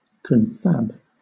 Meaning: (noun) Clipping of confabulation (“a casual chat or talk”); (verb) Clipping of confabulate (“to speak casually with somebody; to chat”)
- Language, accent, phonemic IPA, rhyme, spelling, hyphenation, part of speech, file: English, Southern England, /ˈkɒnfæb/, -æb, confab, con‧fab, noun / verb, LL-Q1860 (eng)-confab.wav